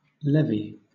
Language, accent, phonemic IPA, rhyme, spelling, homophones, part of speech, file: English, Southern England, /ˈlɛ.vi/, -ɛvi, levy, levee, verb / noun, LL-Q1860 (eng)-levy.wav
- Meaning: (verb) 1. To impose (a tax or fine) to collect monies due, or to confiscate property 2. To raise or collect by assessment; to exact by authority 3. To draft someone into military service